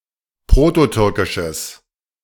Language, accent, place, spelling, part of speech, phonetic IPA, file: German, Germany, Berlin, prototürkisches, adjective, [ˈpʁoːtoˌtʏʁkɪʃəs], De-prototürkisches.ogg
- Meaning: strong/mixed nominative/accusative neuter singular of prototürkisch